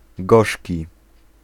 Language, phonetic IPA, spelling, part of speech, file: Polish, [ˈɡɔʃʲci], gorzki, adjective, Pl-gorzki.ogg